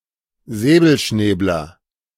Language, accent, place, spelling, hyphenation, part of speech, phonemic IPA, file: German, Germany, Berlin, Säbelschnäbler, Sä‧bel‧schnäb‧ler, noun, /ˈzɛːbəlˌʃnɛːblər/, De-Säbelschnäbler.ogg
- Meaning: 1. avocet (bird in the family Recurvirostridae) 2. pied avocet (bird of the species Recurvirostra avosetta)